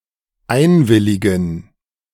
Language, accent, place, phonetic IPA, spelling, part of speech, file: German, Germany, Berlin, [ˈaɪ̯nˌvɪlɪɡn̩], einwilligen, verb, De-einwilligen.ogg
- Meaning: to consent (to), to agree (to)